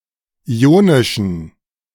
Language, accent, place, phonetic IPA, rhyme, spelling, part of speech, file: German, Germany, Berlin, [ˌiːˈoːnɪʃn̩], -oːnɪʃn̩, ionischen, adjective, De-ionischen.ogg
- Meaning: inflection of ionisch: 1. strong genitive masculine/neuter singular 2. weak/mixed genitive/dative all-gender singular 3. strong/weak/mixed accusative masculine singular 4. strong dative plural